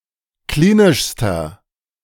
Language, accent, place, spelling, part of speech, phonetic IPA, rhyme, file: German, Germany, Berlin, klinischster, adjective, [ˈkliːnɪʃstɐ], -iːnɪʃstɐ, De-klinischster.ogg
- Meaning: inflection of klinisch: 1. strong/mixed nominative masculine singular superlative degree 2. strong genitive/dative feminine singular superlative degree 3. strong genitive plural superlative degree